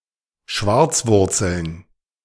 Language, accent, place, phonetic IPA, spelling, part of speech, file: German, Germany, Berlin, [ˈʃvaʁt͡sˌvʊʁt͡sl̩n], Schwarzwurzeln, noun, De-Schwarzwurzeln.ogg
- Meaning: plural of Schwarzwurzel